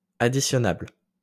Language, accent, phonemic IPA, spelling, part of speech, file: French, France, /a.di.sjɔ.nabl/, additionnable, adjective, LL-Q150 (fra)-additionnable.wav
- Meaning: summable